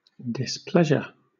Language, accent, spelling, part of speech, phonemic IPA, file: English, Southern England, displeasure, noun / verb, /dɪsˈplɛʒə/, LL-Q1860 (eng)-displeasure.wav
- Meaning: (noun) 1. A feeling of being displeased with something or someone; dissatisfaction; disapproval 2. That which displeases; cause of irritation or annoyance; offence; injury